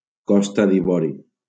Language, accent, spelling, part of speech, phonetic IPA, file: Catalan, Valencia, Costa d'Ivori, proper noun, [ˈkɔs.ta ð‿iˈvɔ.ɾi], LL-Q7026 (cat)-Costa d'Ivori.wav
- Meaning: Ivory Coast, Côte d'Ivoire (a country in West Africa)